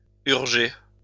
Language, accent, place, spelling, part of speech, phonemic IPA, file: French, France, Lyon, urger, verb, /yʁ.ʒe/, LL-Q150 (fra)-urger.wav
- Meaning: 1. to be urgent 2. to hurry, to incite